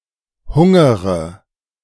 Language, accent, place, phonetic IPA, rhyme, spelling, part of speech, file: German, Germany, Berlin, [ˈhʊŋəʁə], -ʊŋəʁə, hungere, verb, De-hungere.ogg
- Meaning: inflection of hungern: 1. first-person singular present 2. first/third-person singular subjunctive I 3. singular imperative